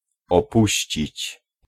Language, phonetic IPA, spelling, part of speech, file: Polish, [ɔˈpuɕt͡ɕit͡ɕ], opuścić, verb, Pl-opuścić.ogg